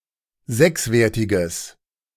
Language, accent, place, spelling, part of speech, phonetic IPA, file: German, Germany, Berlin, sechswertiges, adjective, [ˈzɛksˌveːɐ̯tɪɡəs], De-sechswertiges.ogg
- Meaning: strong/mixed nominative/accusative neuter singular of sechswertig